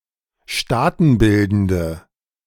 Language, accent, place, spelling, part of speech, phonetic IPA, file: German, Germany, Berlin, staatenbildende, adjective, [ˈʃtaːtn̩ˌbɪldn̩də], De-staatenbildende.ogg
- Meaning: inflection of staatenbildend: 1. strong/mixed nominative/accusative feminine singular 2. strong nominative/accusative plural 3. weak nominative all-gender singular